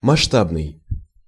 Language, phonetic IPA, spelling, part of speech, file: Russian, [mɐʂˈtabnɨj], масштабный, adjective, Ru-масштабный.ogg
- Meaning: 1. scale 2. large-scale